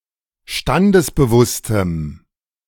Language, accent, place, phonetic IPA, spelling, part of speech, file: German, Germany, Berlin, [ˈʃtandəsbəˌvʊstəm], standesbewusstem, adjective, De-standesbewusstem.ogg
- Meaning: strong dative masculine/neuter singular of standesbewusst